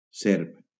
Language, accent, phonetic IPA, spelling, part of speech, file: Catalan, Valencia, [ˈseɾp], serp, noun, LL-Q7026 (cat)-serp.wav
- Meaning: snake